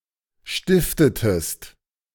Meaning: inflection of stiften: 1. second-person singular preterite 2. second-person singular subjunctive II
- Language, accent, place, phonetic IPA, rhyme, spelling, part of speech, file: German, Germany, Berlin, [ˈʃtɪftətəst], -ɪftətəst, stiftetest, verb, De-stiftetest.ogg